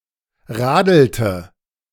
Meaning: inflection of radeln: 1. first/third-person singular preterite 2. first/third-person singular subjunctive II
- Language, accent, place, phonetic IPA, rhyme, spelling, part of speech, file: German, Germany, Berlin, [ˈʁaːdl̩tə], -aːdl̩tə, radelte, verb, De-radelte.ogg